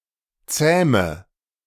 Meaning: inflection of zähmen: 1. first-person singular present 2. singular imperative 3. first/third-person singular subjunctive I
- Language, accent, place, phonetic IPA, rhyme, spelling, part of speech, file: German, Germany, Berlin, [ˈt͡sɛːmə], -ɛːmə, zähme, verb, De-zähme.ogg